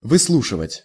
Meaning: 1. to hear out, to listen (to the end) 2. to auscultate (to practice auscultation)
- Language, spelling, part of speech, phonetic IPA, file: Russian, выслушивать, verb, [vɨsˈɫuʂɨvətʲ], Ru-выслушивать.ogg